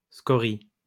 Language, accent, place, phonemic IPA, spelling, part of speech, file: French, France, Lyon, /skɔ.ʁi/, scorie, noun, LL-Q150 (fra)-scorie.wav
- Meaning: scoria; dregs